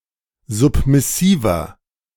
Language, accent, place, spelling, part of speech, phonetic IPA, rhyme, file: German, Germany, Berlin, submissiver, adjective, [ˌzʊpmɪˈsiːvɐ], -iːvɐ, De-submissiver.ogg
- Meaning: 1. comparative degree of submissiv 2. inflection of submissiv: strong/mixed nominative masculine singular 3. inflection of submissiv: strong genitive/dative feminine singular